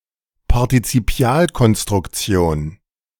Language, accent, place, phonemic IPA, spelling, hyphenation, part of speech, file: German, Germany, Berlin, /paʁtit͡siˈpi̯aːlkɔnstʁʊkˌt͡si̯oːn/, Partizipialkonstruktion, Par‧ti‧zi‧pi‧al‧kon‧struk‧ti‧on, noun, De-Partizipialkonstruktion.ogg
- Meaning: participial construction